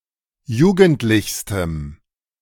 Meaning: strong dative masculine/neuter singular superlative degree of jugendlich
- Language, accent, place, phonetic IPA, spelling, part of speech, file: German, Germany, Berlin, [ˈjuːɡn̩tlɪçstəm], jugendlichstem, adjective, De-jugendlichstem.ogg